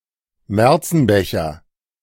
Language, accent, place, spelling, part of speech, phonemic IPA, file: German, Germany, Berlin, Märzenbecher, noun, /ˈmɛʁtsn̩ˌbɛçɐ/, De-Märzenbecher.ogg
- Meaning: snowflake (flower): Leucojum vernum